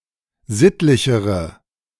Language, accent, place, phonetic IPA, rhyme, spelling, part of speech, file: German, Germany, Berlin, [ˈzɪtlɪçəʁə], -ɪtlɪçəʁə, sittlichere, adjective, De-sittlichere.ogg
- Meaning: inflection of sittlich: 1. strong/mixed nominative/accusative feminine singular comparative degree 2. strong nominative/accusative plural comparative degree